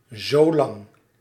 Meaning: as long as, so long as
- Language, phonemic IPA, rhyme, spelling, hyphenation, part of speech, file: Dutch, /zoːˈlɑŋ/, -ɑŋ, zolang, zo‧lang, adverb, Nl-zolang.ogg